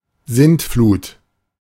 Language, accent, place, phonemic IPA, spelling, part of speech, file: German, Germany, Berlin, /ˈzɪn(t)ˌfluːt/, Sintflut, noun, De-Sintflut.ogg
- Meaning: 1. Deluge, the Great Flood 2. deluge (heavy rain) 3. deluge (a great or overwhelming flood of anything, abstract or material)